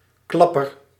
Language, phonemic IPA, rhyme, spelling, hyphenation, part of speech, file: Dutch, /ˈklɑ.pər/, -ɑpər, klapper, klap‧per, noun, Nl-klapper.ogg
- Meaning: 1. clapper (one who claps/applauds) 2. ring binder 3. gossip, chatterbox 4. something that has a big impact or is successful; a big hit 5. coconut